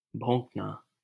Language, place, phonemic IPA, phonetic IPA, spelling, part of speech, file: Hindi, Delhi, /bʱõːk.nɑː/, [bʱõːk.näː], भोंकना, verb, LL-Q1568 (hin)-भोंकना.wav
- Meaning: to stab; to thrust, jab